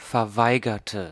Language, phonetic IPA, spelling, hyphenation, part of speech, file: German, [fɛɐ̯ˈvaɪ̯ɡɐtə], verweigerte, ver‧wei‧ger‧te, verb, De-verweigerte.ogg
- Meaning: inflection of verweigern: 1. first/third-person singular preterite 2. first/third-person singular subjunctive II